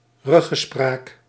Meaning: consultation, discussion with stakeholders
- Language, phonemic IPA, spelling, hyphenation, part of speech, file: Dutch, /ˈrʏ.ɣəˌspraːk/, ruggespraak, rug‧ge‧spraak, noun, Nl-ruggespraak.ogg